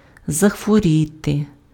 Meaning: 1. to fall ill, to sicken 2. to ache, to hurt
- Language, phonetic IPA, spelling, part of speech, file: Ukrainian, [zɐxwoˈrʲite], захворіти, verb, Uk-захворіти.ogg